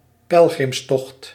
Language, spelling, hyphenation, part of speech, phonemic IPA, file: Dutch, pelgrimstocht, pel‧grims‧tocht, noun, /ˈpɛl.ɣrɪmsˌtɔxt/, Nl-pelgrimstocht.ogg
- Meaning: pilgrimage